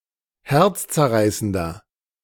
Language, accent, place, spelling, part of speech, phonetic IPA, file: German, Germany, Berlin, herzzerreißender, adjective, [ˈhɛʁt͡st͡sɛɐ̯ˌʁaɪ̯səndɐ], De-herzzerreißender.ogg
- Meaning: 1. comparative degree of herzzerreißend 2. inflection of herzzerreißend: strong/mixed nominative masculine singular 3. inflection of herzzerreißend: strong genitive/dative feminine singular